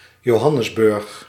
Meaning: Johannesburg (a city, the provincial capital of Gauteng, South Africa)
- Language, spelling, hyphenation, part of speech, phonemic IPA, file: Dutch, Johannesburg, Jo‧han‧nes‧burg, proper noun, /joːˈɦɑ.nəsˌbʏrx/, Nl-Johannesburg.ogg